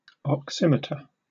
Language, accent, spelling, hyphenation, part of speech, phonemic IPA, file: English, UK, oximeter, ox‧i‧met‧er, noun, /ɒkˈsɪmɪtə/, En-uk-oximeter.oga
- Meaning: A device that measures the quantity of oxygen in something, particularly air in the atmosphere